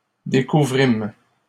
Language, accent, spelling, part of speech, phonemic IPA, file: French, Canada, découvrîmes, verb, /de.ku.vʁim/, LL-Q150 (fra)-découvrîmes.wav
- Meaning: first-person plural past historic of découvrir